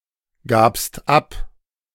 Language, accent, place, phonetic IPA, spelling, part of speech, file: German, Germany, Berlin, [ˌɡaːpst ˈap], gabst ab, verb, De-gabst ab.ogg
- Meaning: second-person singular preterite of abgeben